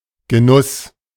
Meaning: 1. enjoyment, pleasure 2. consumption (of food, drink)
- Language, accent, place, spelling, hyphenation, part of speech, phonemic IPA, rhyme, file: German, Germany, Berlin, Genuss, Ge‧nuss, noun, /ɡəˈnʊs/, -ʊs, De-Genuss.ogg